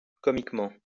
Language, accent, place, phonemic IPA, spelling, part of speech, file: French, France, Lyon, /kɔ.mik.mɑ̃/, comiquement, adverb, LL-Q150 (fra)-comiquement.wav
- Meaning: comically; farcically